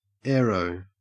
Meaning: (adjective) 1. Of or pertaining to aviation 2. Aerodynamic; having an aerodynamic appearance; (noun) 1. Aerodynamics 2. An airplane or airship 3. Aerospace
- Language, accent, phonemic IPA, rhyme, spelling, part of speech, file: English, Australia, /ˈɛəɹəʊ/, -ɛəɹəʊ, aero, adjective / noun, En-au-aero.ogg